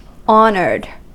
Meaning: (adjective) Respected, having received honour; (verb) simple past and past participle of honour
- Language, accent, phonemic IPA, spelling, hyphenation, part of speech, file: English, US, /ˈɑnɚd/, honoured, hon‧oured, adjective / verb, En-us-honoured.ogg